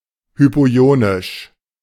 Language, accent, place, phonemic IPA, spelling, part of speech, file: German, Germany, Berlin, /ˌhypoˈi̯oːnɪʃ/, hypoionisch, adjective, De-hypoionisch.ogg
- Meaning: hypoionic, hypoosmotic